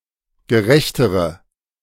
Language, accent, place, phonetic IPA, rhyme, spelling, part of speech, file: German, Germany, Berlin, [ɡəˈʁɛçtəʁə], -ɛçtəʁə, gerechtere, adjective, De-gerechtere.ogg
- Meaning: inflection of gerecht: 1. strong/mixed nominative/accusative feminine singular comparative degree 2. strong nominative/accusative plural comparative degree